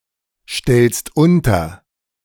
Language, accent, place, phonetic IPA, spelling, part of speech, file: German, Germany, Berlin, [ˌʃtɛlst ˈʊntɐ], stellst unter, verb, De-stellst unter.ogg
- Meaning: second-person singular present of unterstellen